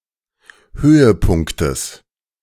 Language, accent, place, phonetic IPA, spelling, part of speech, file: German, Germany, Berlin, [ˈhøːəˌpʊŋktəs], Höhepunktes, noun, De-Höhepunktes.ogg
- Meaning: genitive singular of Höhepunkt